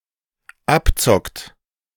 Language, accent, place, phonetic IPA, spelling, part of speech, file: German, Germany, Berlin, [ˈapˌt͡sɔkt], abzockt, verb, De-abzockt.ogg
- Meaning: inflection of abzocken: 1. third-person singular dependent present 2. second-person plural dependent present